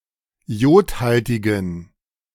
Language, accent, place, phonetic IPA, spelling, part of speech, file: German, Germany, Berlin, [ˈi̯oːtˌhaltɪɡn̩], iodhaltigen, adjective, De-iodhaltigen.ogg
- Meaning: inflection of iodhaltig: 1. strong genitive masculine/neuter singular 2. weak/mixed genitive/dative all-gender singular 3. strong/weak/mixed accusative masculine singular 4. strong dative plural